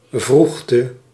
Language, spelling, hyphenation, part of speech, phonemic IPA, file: Dutch, vroegte, vroeg‧te, noun, /ˈvruxtə/, Nl-vroegte.ogg
- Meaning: early hours (of the morning)